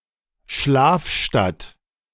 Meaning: bedroom town, bedroom community
- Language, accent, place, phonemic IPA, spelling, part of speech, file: German, Germany, Berlin, /ˈʃlaːfˌʃtat/, Schlafstadt, noun, De-Schlafstadt.ogg